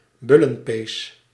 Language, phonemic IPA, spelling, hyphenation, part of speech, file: Dutch, /ˈbʏ.lə(n)ˌpeːs/, bullenpees, bul‧len‧pees, noun, Nl-bullenpees.ogg
- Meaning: 1. a bull's dried sinew 2. bullwhip, made from the above, a severe punitive implement